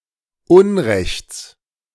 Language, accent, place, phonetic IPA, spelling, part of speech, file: German, Germany, Berlin, [ˈʊnˌʁɛçt͡s], Unrechts, noun, De-Unrechts.ogg
- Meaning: genitive singular of Unrecht